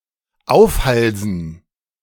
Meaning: to saddle, to burden
- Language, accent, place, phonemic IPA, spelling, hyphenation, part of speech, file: German, Germany, Berlin, /ˈaʊ̯fˌhalzn̩/, aufhalsen, auf‧hal‧sen, verb, De-aufhalsen.ogg